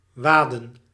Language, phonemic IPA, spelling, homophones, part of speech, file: Dutch, /ˈʋaːdə(n)/, waden, waadde, verb, Nl-waden.ogg
- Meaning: to wade